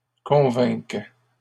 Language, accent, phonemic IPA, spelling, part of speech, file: French, Canada, /kɔ̃.vɛ̃k/, convainque, verb, LL-Q150 (fra)-convainque.wav
- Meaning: first/third-person singular present subjunctive of convaincre